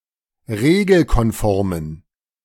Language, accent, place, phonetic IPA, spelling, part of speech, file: German, Germany, Berlin, [ˈʁeːɡl̩kɔnˌfɔʁmən], regelkonformen, adjective, De-regelkonformen.ogg
- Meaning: inflection of regelkonform: 1. strong genitive masculine/neuter singular 2. weak/mixed genitive/dative all-gender singular 3. strong/weak/mixed accusative masculine singular 4. strong dative plural